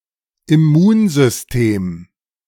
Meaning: immune system
- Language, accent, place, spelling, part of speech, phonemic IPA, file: German, Germany, Berlin, Immunsystem, noun, /ɪˈmuːnzʏsˌteːm/, De-Immunsystem.ogg